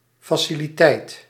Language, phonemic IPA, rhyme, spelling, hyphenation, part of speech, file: Dutch, /ˌfaː.si.liˈtɛi̯t/, -ɛi̯t, faciliteit, fa‧ci‧li‧teit, noun, Nl-faciliteit.ogg
- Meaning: facility, the physical means or contrivances to make something (especially a public service) possible; the required equipment, infrastructure, location etc